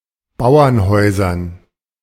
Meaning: dative plural of Bauernhaus
- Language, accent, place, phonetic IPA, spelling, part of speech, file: German, Germany, Berlin, [ˈbaʊ̯ɐnˌhɔɪ̯zɐn], Bauernhäusern, noun, De-Bauernhäusern.ogg